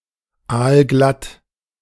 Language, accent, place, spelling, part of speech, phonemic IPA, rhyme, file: German, Germany, Berlin, aalglatt, adjective, /ˌaːlˈɡlat/, -at, De-aalglatt2.ogg
- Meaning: 1. very slippery, like the skin of an eel 2. slippery; unlikely to commit oneself 3. slick; slimy; professional in a disingenuous way